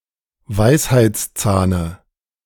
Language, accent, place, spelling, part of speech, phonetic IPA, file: German, Germany, Berlin, Weisheitszahne, noun, [ˈvaɪ̯shaɪ̯t͡sˌt͡saːnə], De-Weisheitszahne.ogg
- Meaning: dative of Weisheitszahn